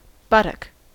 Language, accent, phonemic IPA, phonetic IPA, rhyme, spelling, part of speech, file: English, US, /ˈbʌtək/, [ˈbʌɾək], -ʌtək, buttock, noun, En-us-buttock.ogg
- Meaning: 1. Each of the two large fleshy halves of the posterior part of the body between the base of the back, the perineum, and the top of the legs 2. The convexity of a ship behind, under the stern